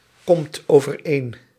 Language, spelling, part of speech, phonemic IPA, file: Dutch, komt overeen, verb, /ˈkɔmt ovərˈen/, Nl-komt overeen.ogg
- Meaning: inflection of overeenkomen: 1. second/third-person singular present indicative 2. plural imperative